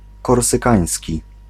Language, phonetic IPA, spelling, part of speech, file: Polish, [ˌkɔrsɨˈkãj̃sʲci], korsykański, adjective / noun, Pl-korsykański.ogg